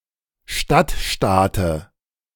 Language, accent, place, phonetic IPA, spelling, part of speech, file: German, Germany, Berlin, [ˈʃtatˌʃtaːtə], Stadtstaate, noun, De-Stadtstaate.ogg
- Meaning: dative of Stadtstaat